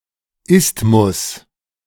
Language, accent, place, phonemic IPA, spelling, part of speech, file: German, Germany, Berlin, /ˈɪstmʊs/, Isthmus, noun, De-Isthmus.ogg
- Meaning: isthmus